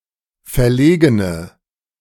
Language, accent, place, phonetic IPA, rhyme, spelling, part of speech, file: German, Germany, Berlin, [fɛɐ̯ˈleːɡənə], -eːɡənə, verlegene, adjective, De-verlegene.ogg
- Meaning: inflection of verlegen: 1. strong/mixed nominative/accusative feminine singular 2. strong nominative/accusative plural 3. weak nominative all-gender singular